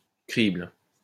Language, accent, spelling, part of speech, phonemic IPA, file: French, France, crible, noun / verb, /kʁibl/, LL-Q150 (fra)-crible.wav
- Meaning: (noun) 1. sieve, sifter, riddle (any device with holes used to separate small things from larger things) 2. sieve